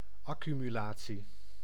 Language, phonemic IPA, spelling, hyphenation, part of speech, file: Dutch, /ˌɑ.ky.myˈlaː.(t)si/, accumulatie, ac‧cu‧mu‧la‧tie, noun, Nl-accumulatie.ogg
- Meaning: accumulation (act of accumulating, the state of being accumulated)